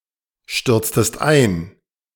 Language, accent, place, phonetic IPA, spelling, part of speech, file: German, Germany, Berlin, [ˌʃtʏʁt͡stəst ˈaɪ̯n], stürztest ein, verb, De-stürztest ein.ogg
- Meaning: inflection of einstürzen: 1. second-person singular preterite 2. second-person singular subjunctive II